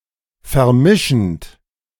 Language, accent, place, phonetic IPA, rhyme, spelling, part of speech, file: German, Germany, Berlin, [fɛɐ̯ˈmɪʃn̩t], -ɪʃn̩t, vermischend, verb, De-vermischend.ogg
- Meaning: present participle of vermischen